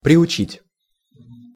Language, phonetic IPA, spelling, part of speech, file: Russian, [prʲɪʊˈt͡ɕitʲ], приучить, verb, Ru-приучить.ogg
- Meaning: to train, to teach, to inure, to accustom